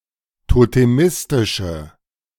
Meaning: inflection of totemistisch: 1. strong/mixed nominative/accusative feminine singular 2. strong nominative/accusative plural 3. weak nominative all-gender singular
- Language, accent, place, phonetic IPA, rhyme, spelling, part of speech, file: German, Germany, Berlin, [toteˈmɪstɪʃə], -ɪstɪʃə, totemistische, adjective, De-totemistische.ogg